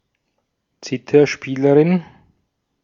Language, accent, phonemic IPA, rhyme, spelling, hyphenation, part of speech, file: German, Austria, /ˈt͡sɪtɐˌʃpiːləʁɪn/, -iːləʁɪn, Zitherspielerin, Zi‧ther‧spie‧le‧rin, noun, De-at-Zitherspielerin.ogg
- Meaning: zither player (female)